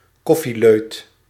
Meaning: someone who frequently drinks coffee
- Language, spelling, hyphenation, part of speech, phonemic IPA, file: Dutch, koffieleut, kof‧fie‧leut, noun, /ˈkɔ.fiˌløːt/, Nl-koffieleut.ogg